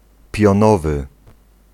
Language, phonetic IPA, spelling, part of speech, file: Polish, [pʲjɔ̃ˈnɔvɨ], pionowy, adjective, Pl-pionowy.ogg